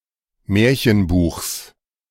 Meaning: genitive singular of Märchenbuch
- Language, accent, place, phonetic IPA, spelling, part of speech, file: German, Germany, Berlin, [ˈmɛːɐ̯çənˌbuːxs], Märchenbuchs, noun, De-Märchenbuchs.ogg